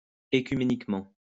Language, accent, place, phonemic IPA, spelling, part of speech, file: French, France, Lyon, /e.ky.me.nik.mɑ̃/, écuméniquement, adverb, LL-Q150 (fra)-écuméniquement.wav
- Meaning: ecumenically